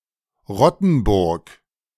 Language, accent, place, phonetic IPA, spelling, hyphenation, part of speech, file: German, Germany, Berlin, [ˈʁɔtn̩ˌbʊʁk], Rottenburg, Rot‧ten‧burg, proper noun, De-Rottenburg.ogg
- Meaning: 1. a town in Tübingen district, Baden-Württemberg, Germany; official name: Rottenburg am Neckar 2. a town in Landshut district, Bavaria, Germany; official name: Rottenburg a.d.Laaber